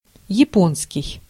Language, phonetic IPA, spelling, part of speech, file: Russian, [(j)ɪˈponskʲɪj], японский, adjective / noun, Ru-японский.ogg
- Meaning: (adjective) Japanese; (noun) Japanese language